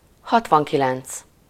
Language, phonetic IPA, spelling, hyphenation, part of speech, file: Hungarian, [ˈhɒtvɒŋkilɛnt͡s], hatvankilenc, hat‧van‧ki‧lenc, numeral, Hu-hatvankilenc.ogg
- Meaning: sixty-nine